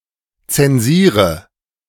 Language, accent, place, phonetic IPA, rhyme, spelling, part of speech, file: German, Germany, Berlin, [ˌt͡sɛnˈziːʁə], -iːʁə, zensiere, verb, De-zensiere.ogg
- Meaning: inflection of zensieren: 1. first-person singular present 2. singular imperative 3. first/third-person singular subjunctive I